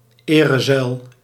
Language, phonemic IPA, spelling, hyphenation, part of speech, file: Dutch, /ˈeː.rəˌzœy̯l/, erezuil, ere‧zuil, noun, Nl-erezuil.ogg
- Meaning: alternative form of eerzuil